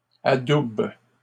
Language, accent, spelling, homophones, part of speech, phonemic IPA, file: French, Canada, adoube, adoubent / adoubes, verb, /a.dub/, LL-Q150 (fra)-adoube.wav
- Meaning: inflection of adouber: 1. first/third-person singular present indicative/subjunctive 2. second-person singular imperative